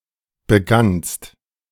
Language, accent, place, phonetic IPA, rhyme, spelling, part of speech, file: German, Germany, Berlin, [bəˈɡanst], -anst, begannst, verb, De-begannst.ogg
- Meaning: second-person singular preterite of beginnen